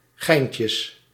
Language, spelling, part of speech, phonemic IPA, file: Dutch, geintjes, noun, /ˈɣɛincəs/, Nl-geintjes.ogg
- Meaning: plural of geintje